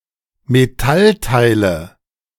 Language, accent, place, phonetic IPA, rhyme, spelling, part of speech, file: German, Germany, Berlin, [meˈtalˌtaɪ̯lə], -altaɪ̯lə, Metallteile, noun, De-Metallteile.ogg
- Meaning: nominative/accusative/genitive plural of Metallteil